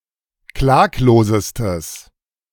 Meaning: strong/mixed nominative/accusative neuter singular superlative degree of klaglos
- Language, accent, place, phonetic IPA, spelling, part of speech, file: German, Germany, Berlin, [ˈklaːkloːzəstəs], klaglosestes, adjective, De-klaglosestes.ogg